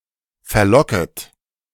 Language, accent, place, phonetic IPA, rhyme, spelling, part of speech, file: German, Germany, Berlin, [fɛɐ̯ˈlɔkət], -ɔkət, verlocket, verb, De-verlocket.ogg
- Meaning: second-person plural subjunctive I of verlocken